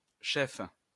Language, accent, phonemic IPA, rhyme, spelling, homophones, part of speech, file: French, France, /ʃɛf/, -ɛf, cheffe, chef / cheffes / chefs, noun, LL-Q150 (fra)-cheffe.wav
- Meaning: female equivalent of chef